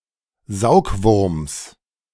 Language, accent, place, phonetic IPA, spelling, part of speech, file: German, Germany, Berlin, [ˈzaʊ̯kˌvʊʁms], Saugwurms, noun, De-Saugwurms.ogg
- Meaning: genitive of Saugwurm